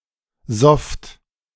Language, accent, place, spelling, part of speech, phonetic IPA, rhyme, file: German, Germany, Berlin, sofft, verb, [zɔft], -ɔft, De-sofft.ogg
- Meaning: second-person plural preterite of saufen